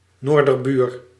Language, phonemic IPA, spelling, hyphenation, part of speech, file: Dutch, /ˈnoːr.dərˌbyːr/, noorderbuur, noor‧der‧buur, noun, Nl-noorderbuur.ogg
- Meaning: 1. a neighbouring country to the north 2. an inhabitant or national of a northern neighbouring country